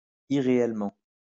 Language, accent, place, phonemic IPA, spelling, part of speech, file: French, France, Lyon, /i.ʁe.ɛl.mɑ̃/, irréellement, adverb, LL-Q150 (fra)-irréellement.wav
- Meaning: unreally (in an unreal way)